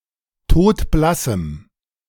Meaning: strong dative masculine/neuter singular of todblass
- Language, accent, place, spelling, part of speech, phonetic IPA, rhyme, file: German, Germany, Berlin, todblassem, adjective, [ˈtoːtˈblasm̩], -asm̩, De-todblassem.ogg